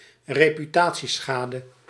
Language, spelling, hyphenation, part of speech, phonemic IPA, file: Dutch, reputatieschade, re‧pu‧ta‧tie‧scha‧de, noun, /reː.pyˈtaː.(t)siˌsxaː.də/, Nl-reputatieschade.ogg
- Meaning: reputational damage